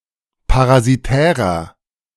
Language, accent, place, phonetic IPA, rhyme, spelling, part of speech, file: German, Germany, Berlin, [paʁaziˈtɛːʁɐ], -ɛːʁɐ, parasitärer, adjective, De-parasitärer.ogg
- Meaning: inflection of parasitär: 1. strong/mixed nominative masculine singular 2. strong genitive/dative feminine singular 3. strong genitive plural